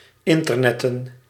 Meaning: to use the internet
- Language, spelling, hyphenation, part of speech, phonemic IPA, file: Dutch, internetten, in‧ter‧net‧ten, verb, /ˈɪn.tərˌnɛ.tə(n)/, Nl-internetten.ogg